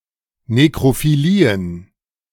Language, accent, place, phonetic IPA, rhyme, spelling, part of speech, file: German, Germany, Berlin, [ˌnekʁofiˈliːən], -iːən, Nekrophilien, noun, De-Nekrophilien.ogg
- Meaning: plural of Nekrophilie